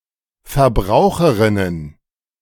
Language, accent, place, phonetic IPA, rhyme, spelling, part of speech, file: German, Germany, Berlin, [fɛɐ̯ˈbʁaʊ̯xəʁɪnən], -aʊ̯xəʁɪnən, Verbraucherinnen, noun, De-Verbraucherinnen.ogg
- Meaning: plural of Verbraucherin